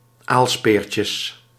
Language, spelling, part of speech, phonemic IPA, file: Dutch, aalspeertjes, noun, /ˈalspercəs/, Nl-aalspeertjes.ogg
- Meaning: plural of aalspeertje